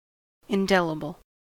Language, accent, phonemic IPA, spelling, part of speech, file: English, US, /ɪnˈdɛləbl/, indelible, adjective, En-us-indelible.ogg
- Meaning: 1. Having the quality of being difficult to delete, remove, wash away, blot out, or efface 2. Incapable of being canceled, lost, or forgotten 3. Incapable of being annulled